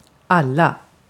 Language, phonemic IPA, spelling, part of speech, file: Swedish, /ˈalˌa/, alla, pronoun / determiner, Sv-alla.ogg
- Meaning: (pronoun) everyone; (determiner) plural of all